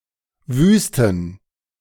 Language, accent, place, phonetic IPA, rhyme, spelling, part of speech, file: German, Germany, Berlin, [ˈvyːstn̩], -yːstn̩, Wüsten, noun, De-Wüsten.ogg
- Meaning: plural of Wüste